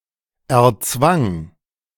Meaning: first/third-person singular preterite of erzwingen
- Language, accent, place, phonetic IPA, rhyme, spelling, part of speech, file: German, Germany, Berlin, [ɛɐ̯ˈt͡svaŋ], -aŋ, erzwang, verb, De-erzwang.ogg